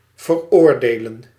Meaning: to condemn, convict
- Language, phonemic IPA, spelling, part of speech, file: Dutch, /vərˈordelə(n)/, veroordelen, verb, Nl-veroordelen.ogg